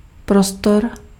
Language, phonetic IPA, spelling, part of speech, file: Czech, [ˈprostor], prostor, noun, Cs-prostor.ogg
- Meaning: 1. space 2. room, space